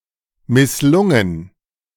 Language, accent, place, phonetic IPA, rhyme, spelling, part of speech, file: German, Germany, Berlin, [mɪsˈlʊŋən], -ʊŋən, misslungen, verb, De-misslungen.ogg
- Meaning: past participle of misslingen